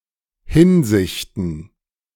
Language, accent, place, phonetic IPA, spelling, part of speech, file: German, Germany, Berlin, [ˈhɪnzɪçtən], Hinsichten, noun, De-Hinsichten.ogg
- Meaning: plural of Hinsicht